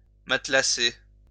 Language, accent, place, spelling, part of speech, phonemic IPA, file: French, France, Lyon, matelasser, verb, /mat.la.se/, LL-Q150 (fra)-matelasser.wav
- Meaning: to pad, cushion